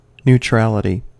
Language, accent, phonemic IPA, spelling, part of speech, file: English, US, /nuˈtɹæləti/, neutrality, noun, En-us-neutrality.ogg
- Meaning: The state or quality of being neutral; the condition of being unengaged in contests between others; state of taking no part on either side